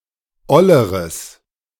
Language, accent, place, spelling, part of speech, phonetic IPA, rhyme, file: German, Germany, Berlin, olleres, adjective, [ˈɔləʁəs], -ɔləʁəs, De-olleres.ogg
- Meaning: strong/mixed nominative/accusative neuter singular comparative degree of oll